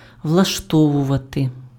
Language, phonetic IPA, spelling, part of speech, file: Ukrainian, [wɫɐʃˈtɔwʊʋɐte], влаштовувати, verb, Uk-влаштовувати.ogg
- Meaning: 1. to arrange, to organize, to establish 2. to make 3. to settle, to put in order (:affairs) 4. to place, to fix up, to set up (:somebody in a position) 5. to suit, to be convenient